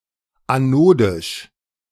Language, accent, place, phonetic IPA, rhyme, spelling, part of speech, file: German, Germany, Berlin, [aˈnoːdɪʃ], -oːdɪʃ, anodisch, adjective, De-anodisch.ogg
- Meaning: anodic